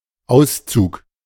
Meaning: 1. moveout (the act of moving out of a property) 2. extract 3. excerpt
- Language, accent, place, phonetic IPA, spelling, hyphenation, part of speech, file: German, Germany, Berlin, [ˈaʊ̯st͡suːk], Auszug, Aus‧zug, noun, De-Auszug.ogg